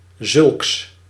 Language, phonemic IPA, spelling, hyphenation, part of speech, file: Dutch, /zʏlks/, zulks, zulks, pronoun, Nl-zulks.ogg
- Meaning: such